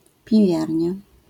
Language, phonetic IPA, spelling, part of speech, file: Polish, [pʲiˈvʲjarʲɲa], piwiarnia, noun, LL-Q809 (pol)-piwiarnia.wav